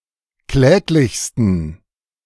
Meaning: 1. superlative degree of kläglich 2. inflection of kläglich: strong genitive masculine/neuter singular superlative degree
- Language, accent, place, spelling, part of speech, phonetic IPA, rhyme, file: German, Germany, Berlin, kläglichsten, adjective, [ˈklɛːklɪçstn̩], -ɛːklɪçstn̩, De-kläglichsten.ogg